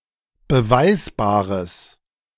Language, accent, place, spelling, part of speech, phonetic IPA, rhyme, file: German, Germany, Berlin, beweisbares, adjective, [bəˈvaɪ̯sbaːʁəs], -aɪ̯sbaːʁəs, De-beweisbares.ogg
- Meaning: strong/mixed nominative/accusative neuter singular of beweisbar